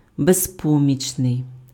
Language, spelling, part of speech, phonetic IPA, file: Ukrainian, безпомічний, adjective, [bezˈpɔmʲit͡ʃnei̯], Uk-безпомічний.ogg
- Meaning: helpless